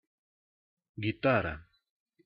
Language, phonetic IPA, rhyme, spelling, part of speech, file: Russian, [ɡʲɪˈtarə], -arə, гитара, noun, Ru-гитара.ogg
- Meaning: 1. guitar 2. change gear, swing-frame, swingarm, bracket 3. swing-frame gear 4. quadrant 5. adjustment plate